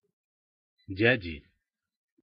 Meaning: inflection of дя́дя (djádja): 1. genitive singular 2. nominative plural
- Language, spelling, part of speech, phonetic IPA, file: Russian, дяди, noun, [ˈdʲædʲɪ], Ru-дяди.ogg